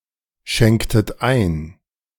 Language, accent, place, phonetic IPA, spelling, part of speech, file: German, Germany, Berlin, [ˌʃɛŋktət ˈaɪ̯n], schenktet ein, verb, De-schenktet ein.ogg
- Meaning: inflection of einschenken: 1. second-person plural preterite 2. second-person plural subjunctive II